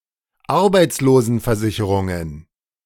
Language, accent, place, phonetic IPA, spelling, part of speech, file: German, Germany, Berlin, [ˈaʁbaɪ̯t͡sloːzn̩fɛɐ̯ˌzɪçəʁʊŋən], Arbeitslosenversicherungen, noun, De-Arbeitslosenversicherungen.ogg
- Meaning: plural of Arbeitslosenversicherung